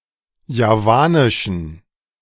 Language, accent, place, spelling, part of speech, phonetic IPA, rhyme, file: German, Germany, Berlin, javanischen, adjective, [jaˈvaːnɪʃn̩], -aːnɪʃn̩, De-javanischen.ogg
- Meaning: inflection of javanisch: 1. strong genitive masculine/neuter singular 2. weak/mixed genitive/dative all-gender singular 3. strong/weak/mixed accusative masculine singular 4. strong dative plural